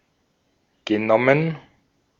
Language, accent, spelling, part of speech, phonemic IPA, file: German, Austria, genommen, verb, /ɡəˈnɔmən/, De-at-genommen.ogg
- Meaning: past participle of nehmen